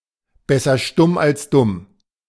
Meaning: In certain situations, it is smarter to not express one's opinions, lest one appear idiotic
- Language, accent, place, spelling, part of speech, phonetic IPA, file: German, Germany, Berlin, besser stumm als dumm, phrase, [ˈbɛsɐ ˈʃtʊm als ˈdʊm], De-besser stumm als dumm.ogg